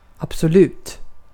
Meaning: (adjective) absolute, full, complete; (adverb) absolutely; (interjection) absolutely, yes, certainly (expression indicating strong agreement)
- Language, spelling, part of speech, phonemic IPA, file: Swedish, absolut, adjective / adverb / interjection, /absɔˈlʉːt/, Sv-absolut.ogg